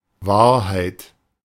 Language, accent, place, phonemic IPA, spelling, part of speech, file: German, Germany, Berlin, /ˈvaːɐ̯.haɪ̯t/, Wahrheit, noun, De-Wahrheit.ogg
- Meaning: truth